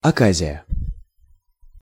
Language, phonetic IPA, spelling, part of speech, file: Russian, [ɐˈkazʲɪjə], оказия, noun, Ru-оказия.ogg
- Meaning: 1. opportunity 2. unexpected event